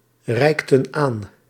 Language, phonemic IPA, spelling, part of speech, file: Dutch, /ˈrɛiktə(n) ˈan/, reikten aan, verb, Nl-reikten aan.ogg
- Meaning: inflection of aanreiken: 1. plural past indicative 2. plural past subjunctive